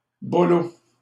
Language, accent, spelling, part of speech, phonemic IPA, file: French, Canada, bolos, noun, /bɔ.lɔs/, LL-Q150 (fra)-bolos.wav
- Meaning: 1. black market customer; customer to a drug dealer 2. a person that can be scammed or ripped off 3. a lame person, a fool